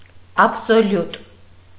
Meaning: absolute
- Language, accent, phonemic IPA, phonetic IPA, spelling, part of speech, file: Armenian, Eastern Armenian, /ɑpʰsoˈljut/, [ɑpʰsoljút], աբսոլյուտ, adjective, Hy-աբսոլյուտ.ogg